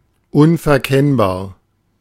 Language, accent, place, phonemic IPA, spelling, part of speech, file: German, Germany, Berlin, /ˌʊnfɛɐ̯ˈkɛnbaːɐ̯/, unverkennbar, adjective, De-unverkennbar.ogg
- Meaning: unmistakable